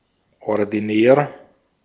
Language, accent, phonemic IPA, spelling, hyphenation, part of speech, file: German, Austria, /ɔrdiˈnɛːr/, ordinär, or‧di‧när, adjective, De-at-ordinär.ogg
- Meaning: 1. normal, usual, ordinary 2. commonplace, quotidian, trivial 3. common, vulgar, unrefined, not suited for polite company